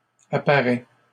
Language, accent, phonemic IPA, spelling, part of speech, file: French, Canada, /a.pa.ʁɛ/, apparais, verb, LL-Q150 (fra)-apparais.wav
- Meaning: inflection of apparaître: 1. first/second-person singular present indicative 2. second-person singular imperative